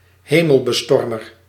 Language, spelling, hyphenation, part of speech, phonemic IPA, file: Dutch, hemelbestormer, he‧mel‧be‧stor‧mer, noun, /ˈɦeː.məl.bəˌstɔr.mər/, Nl-hemelbestormer.ogg
- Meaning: 1. idealist, iconoclast 2. Titan